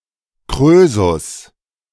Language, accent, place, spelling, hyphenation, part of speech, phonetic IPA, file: German, Germany, Berlin, Krösus, Krö‧sus, noun, [ˈkʁøːzus], De-Krösus.ogg
- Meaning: Croesus (very rich person)